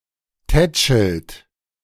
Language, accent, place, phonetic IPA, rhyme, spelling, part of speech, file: German, Germany, Berlin, [ˈtɛt͡ʃl̩t], -ɛt͡ʃl̩t, tätschelt, verb, De-tätschelt.ogg
- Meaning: inflection of tätscheln: 1. third-person singular present 2. second-person plural present 3. plural imperative